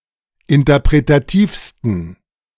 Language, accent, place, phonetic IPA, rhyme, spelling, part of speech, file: German, Germany, Berlin, [ɪntɐpʁetaˈtiːfstn̩], -iːfstn̩, interpretativsten, adjective, De-interpretativsten.ogg
- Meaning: 1. superlative degree of interpretativ 2. inflection of interpretativ: strong genitive masculine/neuter singular superlative degree